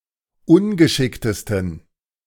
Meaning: 1. superlative degree of ungeschickt 2. inflection of ungeschickt: strong genitive masculine/neuter singular superlative degree
- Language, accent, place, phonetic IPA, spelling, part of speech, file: German, Germany, Berlin, [ˈʊnɡəˌʃɪktəstn̩], ungeschicktesten, adjective, De-ungeschicktesten.ogg